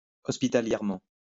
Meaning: hospitably
- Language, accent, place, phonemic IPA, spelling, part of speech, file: French, France, Lyon, /ɔs.pi.ta.ljɛʁ.mɑ̃/, hospitalièrement, adverb, LL-Q150 (fra)-hospitalièrement.wav